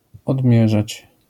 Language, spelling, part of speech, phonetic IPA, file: Polish, odmierzać, verb, [ɔdˈmʲjɛʒat͡ɕ], LL-Q809 (pol)-odmierzać.wav